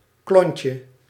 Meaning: 1. a sugar cube (properly suikerklontje) 2. similar confectionery
- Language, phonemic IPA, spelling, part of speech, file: Dutch, /ˈklɔɲcə/, klontje, noun, Nl-klontje.ogg